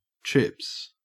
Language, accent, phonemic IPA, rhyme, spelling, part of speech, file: English, Australia, /tɹɪps/, -ɪps, trips, noun / verb, En-au-trips.ogg
- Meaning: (noun) plural of trip